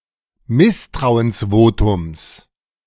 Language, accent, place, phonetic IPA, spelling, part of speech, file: German, Germany, Berlin, [ˈmɪstʁaʊ̯ənsˌvoːtʊms], Misstrauensvotums, noun, De-Misstrauensvotums.ogg
- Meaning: genitive of Misstrauensvotum